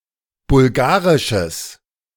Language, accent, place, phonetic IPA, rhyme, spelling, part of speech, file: German, Germany, Berlin, [bʊlˈɡaːʁɪʃəs], -aːʁɪʃəs, bulgarisches, adjective, De-bulgarisches.ogg
- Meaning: strong/mixed nominative/accusative neuter singular of bulgarisch